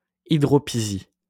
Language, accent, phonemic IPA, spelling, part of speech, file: French, France, /i.dʁɔ.pi.zi/, hydropisie, noun, LL-Q150 (fra)-hydropisie.wav
- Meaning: edema, dropsy